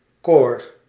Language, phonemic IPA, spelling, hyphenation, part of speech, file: Dutch, /koːr/, corps, corps, noun, Nl-corps.ogg
- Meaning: 1. student society, especially a traditional and hierarchical one 2. superseded spelling of korps